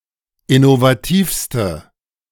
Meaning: inflection of innovativ: 1. strong/mixed nominative/accusative feminine singular superlative degree 2. strong nominative/accusative plural superlative degree
- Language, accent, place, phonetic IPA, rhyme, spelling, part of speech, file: German, Germany, Berlin, [ɪnovaˈtiːfstə], -iːfstə, innovativste, adjective, De-innovativste.ogg